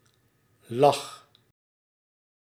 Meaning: singular past indicative of liggen
- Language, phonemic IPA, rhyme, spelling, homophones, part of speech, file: Dutch, /lɑx/, -ɑx, lag, lach, verb, Nl-lag.ogg